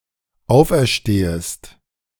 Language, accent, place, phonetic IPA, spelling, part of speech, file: German, Germany, Berlin, [ˈaʊ̯fʔɛɐ̯ˌʃteːəst], auferstehest, verb, De-auferstehest.ogg
- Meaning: second-person singular dependent subjunctive I of auferstehen